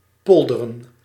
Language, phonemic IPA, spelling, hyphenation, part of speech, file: Dutch, /ˈpɔl.də.rə(n)/, polderen, pol‧de‧ren, verb, Nl-polderen.ogg
- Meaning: to compromise, to engage in consensus politics